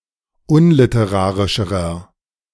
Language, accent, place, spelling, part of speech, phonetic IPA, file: German, Germany, Berlin, unliterarischerer, adjective, [ˈʊnlɪtəˌʁaːʁɪʃəʁɐ], De-unliterarischerer.ogg
- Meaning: inflection of unliterarisch: 1. strong/mixed nominative masculine singular comparative degree 2. strong genitive/dative feminine singular comparative degree